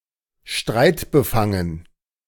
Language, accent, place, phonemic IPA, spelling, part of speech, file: German, Germany, Berlin, /ˈʃtʁaɪ̯tbəˌfaŋən/, streitbefangen, adjective, De-streitbefangen.ogg
- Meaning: disputed (subject to dispute)